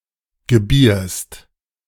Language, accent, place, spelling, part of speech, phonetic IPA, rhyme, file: German, Germany, Berlin, gebierst, verb, [ɡəˈbiːɐ̯st], -iːɐ̯st, De-gebierst.ogg
- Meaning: second-person singular present of gebären